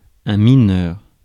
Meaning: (adjective) 1. minor 2. underage, minor, juvenile; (noun) 1. minor (as defined by the age of majority) 2. miner
- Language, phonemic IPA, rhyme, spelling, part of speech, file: French, /mi.nœʁ/, -œʁ, mineur, adjective / noun, Fr-mineur.ogg